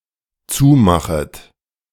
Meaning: second-person plural dependent subjunctive I of zumachen
- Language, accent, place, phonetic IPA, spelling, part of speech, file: German, Germany, Berlin, [ˈt͡suːˌmaxət], zumachet, verb, De-zumachet.ogg